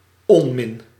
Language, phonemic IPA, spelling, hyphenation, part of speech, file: Dutch, /ˈɔn.mɪn/, onmin, on‧min, noun, Nl-onmin.ogg
- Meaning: conflict, disagreement, falling out